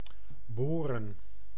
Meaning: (verb) to drill; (noun) plural of boor
- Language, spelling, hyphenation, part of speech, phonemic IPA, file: Dutch, boren, bo‧ren, verb / noun, /ˈboːrə(n)/, Nl-boren.ogg